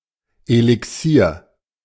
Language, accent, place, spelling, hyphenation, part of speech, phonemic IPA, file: German, Germany, Berlin, Elixier, Eli‧xier, noun, /elɪˈksiːɐ̯/, De-Elixier.ogg
- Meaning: 1. potion (liquid which is medicinal and/or magical) 2. elixir (liquid which was believed to turn non-precious metals to gold; liquid which was believed to cure all ills)